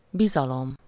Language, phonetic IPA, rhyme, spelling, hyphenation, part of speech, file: Hungarian, [ˈbizɒlom], -om, bizalom, bi‧za‧lom, noun, Hu-bizalom.ogg
- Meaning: confidence, trust